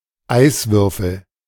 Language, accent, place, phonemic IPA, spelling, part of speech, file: German, Germany, Berlin, /ˈaɪ̯svʏʁfl̩/, Eiswürfel, noun, De-Eiswürfel.ogg
- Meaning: ice cube (small piece of ice used for cooling drinks)